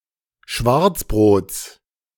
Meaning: genitive singular of Schwarzbrot
- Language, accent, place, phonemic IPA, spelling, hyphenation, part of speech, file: German, Germany, Berlin, /ˈʃvaʁt͡sˌbʁoːt͡s/, Schwarzbrots, Schwarz‧brots, noun, De-Schwarzbrots.ogg